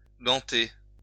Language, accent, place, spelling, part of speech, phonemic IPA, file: French, France, Lyon, ganter, verb, /ɡɑ̃.te/, LL-Q150 (fra)-ganter.wav
- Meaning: to glove (cover with a glove)